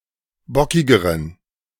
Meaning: inflection of bockig: 1. strong genitive masculine/neuter singular comparative degree 2. weak/mixed genitive/dative all-gender singular comparative degree
- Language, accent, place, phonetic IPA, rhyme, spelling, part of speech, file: German, Germany, Berlin, [ˈbɔkɪɡəʁən], -ɔkɪɡəʁən, bockigeren, adjective, De-bockigeren.ogg